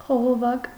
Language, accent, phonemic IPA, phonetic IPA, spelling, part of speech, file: Armenian, Eastern Armenian, /χoʁoˈvɑk/, [χoʁovɑ́k], խողովակ, noun, Hy-խողովակ.ogg
- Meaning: pipe, tube